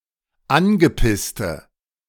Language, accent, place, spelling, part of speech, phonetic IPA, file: German, Germany, Berlin, angepisste, adjective, [ˈanɡəˌpɪstə], De-angepisste.ogg
- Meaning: inflection of angepisst: 1. strong/mixed nominative/accusative feminine singular 2. strong nominative/accusative plural 3. weak nominative all-gender singular